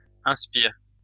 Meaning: inflection of inspirer: 1. first/third-person singular present indicative/subjunctive 2. second-person singular imperative
- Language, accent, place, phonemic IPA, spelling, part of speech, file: French, France, Lyon, /ɛ̃s.piʁ/, inspire, verb, LL-Q150 (fra)-inspire.wav